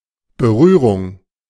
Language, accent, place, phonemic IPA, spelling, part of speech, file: German, Germany, Berlin, /bəˈʁyːʁʊŋ/, Berührung, noun, De-Berührung.ogg
- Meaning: touch, contact (an act of touching physically)